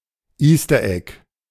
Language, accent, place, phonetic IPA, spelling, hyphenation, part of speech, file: German, Germany, Berlin, [ˈiːstɐˌʔɛk], Easteregg, Eas‧ter‧egg, noun, De-Easteregg.ogg
- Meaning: Easter egg